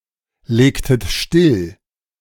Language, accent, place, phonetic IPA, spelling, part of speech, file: German, Germany, Berlin, [ˌleːktət ˈʃtɪl], legtet still, verb, De-legtet still.ogg
- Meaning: inflection of stilllegen: 1. second-person plural preterite 2. second-person plural subjunctive II